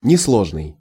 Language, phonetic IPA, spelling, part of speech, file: Russian, [nʲɪsˈɫoʐnɨj], несложный, adjective, Ru-несложный.ogg
- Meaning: 1. simple, not sophisticated 2. simple, easy